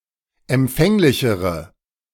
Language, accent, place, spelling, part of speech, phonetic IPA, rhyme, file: German, Germany, Berlin, empfänglichere, adjective, [ɛmˈp͡fɛŋlɪçəʁə], -ɛŋlɪçəʁə, De-empfänglichere.ogg
- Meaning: inflection of empfänglich: 1. strong/mixed nominative/accusative feminine singular comparative degree 2. strong nominative/accusative plural comparative degree